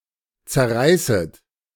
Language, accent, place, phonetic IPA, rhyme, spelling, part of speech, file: German, Germany, Berlin, [t͡sɛɐ̯ˈʁaɪ̯sət], -aɪ̯sət, zerreißet, verb, De-zerreißet.ogg
- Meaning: second-person plural subjunctive I of zerreißen